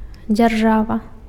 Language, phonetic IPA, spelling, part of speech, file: Belarusian, [d͡zʲarˈʐava], дзяржава, noun, Be-дзяржава.ogg
- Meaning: state (country)